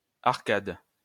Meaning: 1. arcade 2. arch, ridge
- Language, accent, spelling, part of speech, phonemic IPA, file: French, France, arcade, noun, /aʁ.kad/, LL-Q150 (fra)-arcade.wav